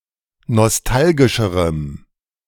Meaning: strong dative masculine/neuter singular comparative degree of nostalgisch
- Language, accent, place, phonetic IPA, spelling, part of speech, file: German, Germany, Berlin, [nɔsˈtalɡɪʃəʁəm], nostalgischerem, adjective, De-nostalgischerem.ogg